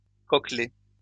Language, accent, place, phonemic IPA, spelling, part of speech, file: French, France, Lyon, /kɔ.klɛ/, coquelet, noun, LL-Q150 (fra)-coquelet.wav
- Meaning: 1. small cockerel 2. chick